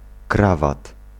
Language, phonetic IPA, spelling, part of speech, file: Polish, [ˈkravat], krawat, noun, Pl-krawat.ogg